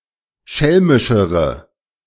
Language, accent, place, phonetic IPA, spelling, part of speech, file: German, Germany, Berlin, [ˈʃɛlmɪʃəʁə], schelmischere, adjective, De-schelmischere.ogg
- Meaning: inflection of schelmisch: 1. strong/mixed nominative/accusative feminine singular comparative degree 2. strong nominative/accusative plural comparative degree